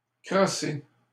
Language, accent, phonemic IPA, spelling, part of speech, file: French, Canada, /kʁɔ.se/, crosser, verb, LL-Q150 (fra)-crosser.wav
- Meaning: 1. to hit with a crosse (“hockey stick, lacrosse stick, or golf club”) 2. to cheat, to swindle 3. to masturbate, to jack off, to jerk off